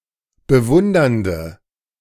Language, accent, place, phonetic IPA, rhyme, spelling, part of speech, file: German, Germany, Berlin, [bəˈvʊndɐndə], -ʊndɐndə, bewundernde, adjective, De-bewundernde.ogg
- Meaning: inflection of bewundernd: 1. strong/mixed nominative/accusative feminine singular 2. strong nominative/accusative plural 3. weak nominative all-gender singular